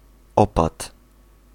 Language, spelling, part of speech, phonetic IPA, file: Polish, opad, noun, [ˈɔpat], Pl-opad.ogg